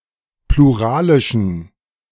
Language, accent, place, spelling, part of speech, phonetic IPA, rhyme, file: German, Germany, Berlin, pluralischen, adjective, [pluˈʁaːlɪʃn̩], -aːlɪʃn̩, De-pluralischen.ogg
- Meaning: inflection of pluralisch: 1. strong genitive masculine/neuter singular 2. weak/mixed genitive/dative all-gender singular 3. strong/weak/mixed accusative masculine singular 4. strong dative plural